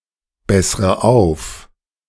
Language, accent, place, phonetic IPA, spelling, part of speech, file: German, Germany, Berlin, [ˌbɛsʁə ˈaʊ̯f], bessre auf, verb, De-bessre auf.ogg
- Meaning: inflection of aufbessern: 1. first-person singular present 2. first/third-person singular subjunctive I 3. singular imperative